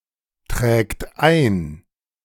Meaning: third-person singular present of eintragen
- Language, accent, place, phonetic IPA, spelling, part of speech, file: German, Germany, Berlin, [ˌtʁɛːkt ˈaɪ̯n], trägt ein, verb, De-trägt ein.ogg